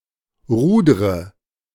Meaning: inflection of rudern: 1. first-person singular present 2. first/third-person singular subjunctive I 3. singular imperative
- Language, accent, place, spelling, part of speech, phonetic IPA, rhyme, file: German, Germany, Berlin, rudre, verb, [ˈʁuːdʁə], -uːdʁə, De-rudre.ogg